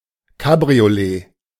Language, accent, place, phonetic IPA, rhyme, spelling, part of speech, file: German, Germany, Berlin, [kabʁioˈleː], -eː, Cabriolet, noun, De-Cabriolet.ogg
- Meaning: 1. convertible 2. cabriolet